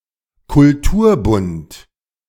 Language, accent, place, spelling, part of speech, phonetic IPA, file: German, Germany, Berlin, Kulturbund, noun, [kʊlˈtuːɐ̯ˌbʊnt], De-Kulturbund.ogg
- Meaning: cultural association